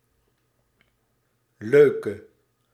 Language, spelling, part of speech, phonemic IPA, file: Dutch, leuke, adjective, /ˈløːkə/, Nl-leuke.ogg
- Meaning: inflection of leuk: 1. masculine/feminine singular attributive 2. definite neuter singular attributive 3. plural attributive